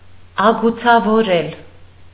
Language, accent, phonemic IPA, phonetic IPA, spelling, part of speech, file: Armenian, Eastern Armenian, /ɑɡut͡sʰɑvoˈɾel/, [ɑɡut͡sʰɑvoɾél], ագուցավորել, verb, Hy-ագուցավորել.ogg
- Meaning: to groove, match, rabbet